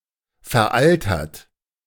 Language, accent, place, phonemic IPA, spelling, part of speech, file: German, Germany, Berlin, /fɛɐ̯ˈʔaltɐt/, veraltert, adjective, De-veraltert.ogg
- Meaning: outdated, obsolete, old-fashioned, antiquated